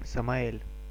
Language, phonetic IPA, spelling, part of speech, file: Russian, [səmɐˈɛlʲ], Самаэль, proper noun, Ru-Самаэль.ogg
- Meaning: Samael